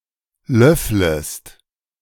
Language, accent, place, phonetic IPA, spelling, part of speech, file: German, Germany, Berlin, [ˈlœfləst], löfflest, verb, De-löfflest.ogg
- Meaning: second-person singular subjunctive I of löffeln